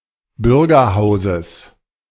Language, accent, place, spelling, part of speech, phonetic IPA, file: German, Germany, Berlin, Bürgerhauses, noun, [ˈbʏʁɡɐˌhaʊ̯zəs], De-Bürgerhauses.ogg
- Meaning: genitive singular of Bürgerhaus